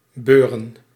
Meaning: 1. to lift, to raise 2. to collect (debt, owed money) 3. to receive 4. to happen, to occur 5. to befall
- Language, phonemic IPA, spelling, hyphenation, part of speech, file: Dutch, /ˈbøːrə(n)/, beuren, beu‧ren, verb, Nl-beuren.ogg